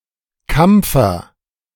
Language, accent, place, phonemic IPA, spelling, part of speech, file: German, Germany, Berlin, /ˈkam(p)fər/, Kampfer, noun, De-Kampfer.ogg
- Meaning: camphor